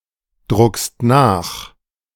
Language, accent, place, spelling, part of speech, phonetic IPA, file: German, Germany, Berlin, druckst nach, verb, [ˌdʁʊkst ˈnaːx], De-druckst nach.ogg
- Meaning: second-person singular present of nachdrucken